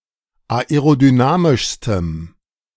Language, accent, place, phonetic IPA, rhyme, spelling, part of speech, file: German, Germany, Berlin, [aeʁodyˈnaːmɪʃstəm], -aːmɪʃstəm, aerodynamischstem, adjective, De-aerodynamischstem.ogg
- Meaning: strong dative masculine/neuter singular superlative degree of aerodynamisch